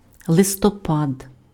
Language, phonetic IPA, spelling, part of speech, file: Ukrainian, [ɫestɔˈpad], листопад, noun, Uk-листопад.ogg
- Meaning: 1. November (eleventh month of the Gregorian calendar) 2. autumn fall of the leaves